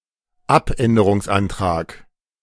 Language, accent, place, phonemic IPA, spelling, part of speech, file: German, Germany, Berlin, /ˈap.ɛndərʊŋsˌantraːk/, Abänderungsantrag, noun, De-Abänderungsantrag.ogg
- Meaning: amendment